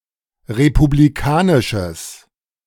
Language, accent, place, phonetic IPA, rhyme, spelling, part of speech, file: German, Germany, Berlin, [ʁepubliˈkaːnɪʃəs], -aːnɪʃəs, republikanisches, adjective, De-republikanisches.ogg
- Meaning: strong/mixed nominative/accusative neuter singular of republikanisch